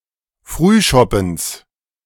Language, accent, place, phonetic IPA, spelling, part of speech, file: German, Germany, Berlin, [ˈfʁyːˌʃɔpn̩s], Frühschoppens, noun, De-Frühschoppens.ogg
- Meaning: genitive singular of Frühschoppen